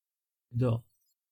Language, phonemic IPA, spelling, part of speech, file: Serbo-Croatian, /dô/, do, adverb / preposition, Sr-Do.ogg
- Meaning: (adverb) 1. only, except 2. around, approximately 3. due to, because of; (preposition) 1. up to, to, until, as far as, by 2. before (= prȉje/prȅ) 3. beside, next (to)